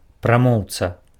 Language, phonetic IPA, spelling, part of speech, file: Belarusian, [praˈmou̯t͡sa], прамоўца, noun, Be-прамоўца.ogg
- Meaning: orator